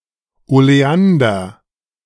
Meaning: oleander
- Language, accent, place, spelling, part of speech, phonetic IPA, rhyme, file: German, Germany, Berlin, Oleander, noun, [oleˈandɐ], -andɐ, De-Oleander.ogg